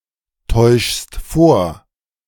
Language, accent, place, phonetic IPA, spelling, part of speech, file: German, Germany, Berlin, [ˌtɔɪ̯ʃst ˈfoːɐ̯], täuschst vor, verb, De-täuschst vor.ogg
- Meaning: second-person singular present of vortäuschen